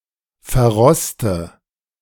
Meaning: inflection of verrosten: 1. first-person singular present 2. first/third-person singular subjunctive I 3. singular imperative
- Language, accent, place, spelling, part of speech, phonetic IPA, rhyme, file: German, Germany, Berlin, verroste, verb, [fɛɐ̯ˈʁɔstə], -ɔstə, De-verroste.ogg